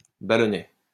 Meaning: 1. small ball 2. small balloon 3. ballonet
- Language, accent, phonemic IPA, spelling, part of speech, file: French, France, /ba.lɔ.nɛ/, ballonnet, noun, LL-Q150 (fra)-ballonnet.wav